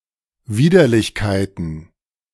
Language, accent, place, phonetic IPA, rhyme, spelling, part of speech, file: German, Germany, Berlin, [ˈviːdɐlɪçkaɪ̯tn̩], -iːdɐlɪçkaɪ̯tn̩, Widerlichkeiten, noun, De-Widerlichkeiten.ogg
- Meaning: plural of Widerlichkeit